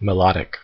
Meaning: 1. Of, relating to, or having melody 2. Melodious, tuneful
- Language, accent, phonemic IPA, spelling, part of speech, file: English, US, /məˈlɑ.ɾɪk/, melodic, adjective, En-us-melodic.ogg